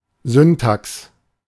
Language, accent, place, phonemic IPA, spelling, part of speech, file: German, Germany, Berlin, /ˈzʏntaks/, Syntax, noun, De-Syntax.ogg
- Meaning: syntax